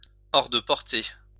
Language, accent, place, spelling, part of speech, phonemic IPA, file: French, France, Lyon, hors de portée, adjective, /ɔʁ də pɔʁ.te/, LL-Q150 (fra)-hors de portée.wav
- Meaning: out of reach